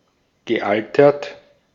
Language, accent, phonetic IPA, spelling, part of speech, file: German, Austria, [ɡəˈʔaltɐt], gealtert, adjective / verb, De-at-gealtert.ogg
- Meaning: past participle of altern